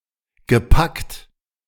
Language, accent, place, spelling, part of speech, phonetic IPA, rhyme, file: German, Germany, Berlin, gepackt, verb, [ɡəˈpakt], -akt, De-gepackt.ogg
- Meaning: past participle of packen